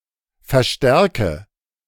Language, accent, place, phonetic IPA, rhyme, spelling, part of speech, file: German, Germany, Berlin, [fɛɐ̯ˈʃtɛʁkə], -ɛʁkə, verstärke, verb, De-verstärke.ogg
- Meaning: inflection of verstärken: 1. first-person singular present 2. first/third-person singular subjunctive I 3. singular imperative